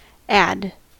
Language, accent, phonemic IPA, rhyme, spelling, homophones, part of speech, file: English, US, /æd/, -æd, ad, add, noun / preposition, En-us-ad.ogg
- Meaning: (noun) 1. Clipping of advertisement 2. Clipping of advertising 3. Clipping of advertiser